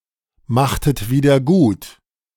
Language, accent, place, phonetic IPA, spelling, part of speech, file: German, Germany, Berlin, [ˌmaxtət ˌviːdɐ ˈɡuːt], machtet wieder gut, verb, De-machtet wieder gut.ogg
- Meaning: inflection of wiedergutmachen: 1. second-person plural preterite 2. second-person plural subjunctive II